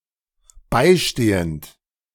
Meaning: present participle of beistehen
- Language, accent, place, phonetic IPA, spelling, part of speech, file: German, Germany, Berlin, [ˈbaɪ̯ˌʃteːənt], beistehend, verb, De-beistehend.ogg